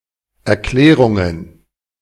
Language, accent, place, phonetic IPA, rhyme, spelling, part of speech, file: German, Germany, Berlin, [ɛɐ̯ˈklɛːʁʊŋən], -ɛːʁʊŋən, Erklärungen, noun, De-Erklärungen.ogg
- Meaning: plural of Erklärung